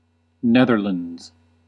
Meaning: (proper noun) The Kingdom of the Netherlands. A country in Western Europe, consisting of four constituent countries: the Netherlands per se, Aruba, Curaçao and Sint Maarten
- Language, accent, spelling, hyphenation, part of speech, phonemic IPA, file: English, US, Netherlands, Neth‧er‧lands, proper noun / noun, /ˈnɛðɚləndz/, En-us-Netherlands.ogg